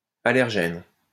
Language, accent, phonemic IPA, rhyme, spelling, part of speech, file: French, France, /a.lɛʁ.ʒɛn/, -ɛn, allergène, noun / adjective, LL-Q150 (fra)-allergène.wav
- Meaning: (noun) allergen; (adjective) allergenic